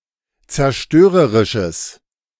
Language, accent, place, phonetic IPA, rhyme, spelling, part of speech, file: German, Germany, Berlin, [t͡sɛɐ̯ˈʃtøːʁəʁɪʃəs], -øːʁəʁɪʃəs, zerstörerisches, adjective, De-zerstörerisches.ogg
- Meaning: strong/mixed nominative/accusative neuter singular of zerstörerisch